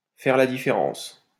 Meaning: 1. to tell the difference between, to distinguish 2. to make a difference, to make a big difference
- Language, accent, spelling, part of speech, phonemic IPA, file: French, France, faire la différence, verb, /fɛʁ la di.fe.ʁɑ̃s/, LL-Q150 (fra)-faire la différence.wav